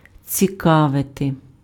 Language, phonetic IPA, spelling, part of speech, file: Ukrainian, [t͡sʲiˈkaʋete], цікавити, verb, Uk-цікавити.ogg
- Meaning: to interest